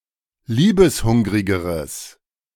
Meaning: strong/mixed nominative/accusative neuter singular comparative degree of liebeshungrig
- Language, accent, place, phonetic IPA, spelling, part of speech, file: German, Germany, Berlin, [ˈliːbəsˌhʊŋʁɪɡəʁəs], liebeshungrigeres, adjective, De-liebeshungrigeres.ogg